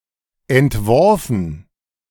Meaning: past participle of entwerfen
- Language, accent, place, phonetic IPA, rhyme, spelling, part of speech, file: German, Germany, Berlin, [ɛntˈvɔʁfn̩], -ɔʁfn̩, entworfen, verb, De-entworfen.ogg